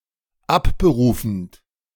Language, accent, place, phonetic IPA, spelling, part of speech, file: German, Germany, Berlin, [ˈapbəˌʁuːfn̩t], abberufend, verb, De-abberufend.ogg
- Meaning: present participle of abberufen